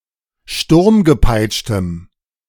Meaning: strong dative masculine/neuter singular of sturmgepeitscht
- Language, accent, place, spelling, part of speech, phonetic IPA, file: German, Germany, Berlin, sturmgepeitschtem, adjective, [ˈʃtʊʁmɡəˌpaɪ̯t͡ʃtəm], De-sturmgepeitschtem.ogg